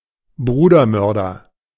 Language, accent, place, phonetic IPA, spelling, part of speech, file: German, Germany, Berlin, [ˈbʁuːdɐˌmœʁdɐ], Brudermörder, noun, De-Brudermörder.ogg
- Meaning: fratricide (person)